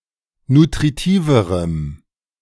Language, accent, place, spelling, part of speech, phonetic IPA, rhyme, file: German, Germany, Berlin, nutritiverem, adjective, [nutʁiˈtiːvəʁəm], -iːvəʁəm, De-nutritiverem.ogg
- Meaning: strong dative masculine/neuter singular comparative degree of nutritiv